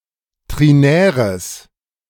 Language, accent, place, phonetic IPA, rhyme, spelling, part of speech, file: German, Germany, Berlin, [ˌtʁiˈnɛːʁəs], -ɛːʁəs, trinäres, adjective, De-trinäres.ogg
- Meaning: strong/mixed nominative/accusative neuter singular of trinär